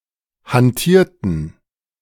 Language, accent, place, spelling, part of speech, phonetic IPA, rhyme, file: German, Germany, Berlin, hantierten, verb, [hanˈtiːɐ̯tn̩], -iːɐ̯tn̩, De-hantierten.ogg
- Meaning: inflection of hantieren: 1. first/third-person plural preterite 2. first/third-person plural subjunctive II